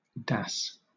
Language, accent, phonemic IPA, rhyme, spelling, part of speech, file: English, Southern England, /dæs/, -æs, dass, verb, LL-Q1860 (eng)-dass.wav
- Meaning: To dare